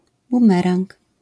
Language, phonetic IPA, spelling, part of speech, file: Polish, [bũˈmɛrãŋk], bumerang, noun, LL-Q809 (pol)-bumerang.wav